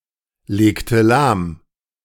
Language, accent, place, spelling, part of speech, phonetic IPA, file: German, Germany, Berlin, legte lahm, verb, [ˌleːktə ˈlaːm], De-legte lahm.ogg
- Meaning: inflection of lahmlegen: 1. first/third-person singular preterite 2. first/third-person singular subjunctive II